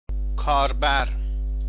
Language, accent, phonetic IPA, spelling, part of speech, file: Persian, Iran, [kʰɒːɹ.bæɹ], کاربر, noun, Fa-کاربر.ogg
- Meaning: 1. user (someone who uses something) 2. user